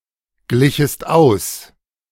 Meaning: second-person singular subjunctive II of ausgleichen
- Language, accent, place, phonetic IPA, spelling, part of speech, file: German, Germany, Berlin, [ˌɡlɪçəst ˈaʊ̯s], glichest aus, verb, De-glichest aus.ogg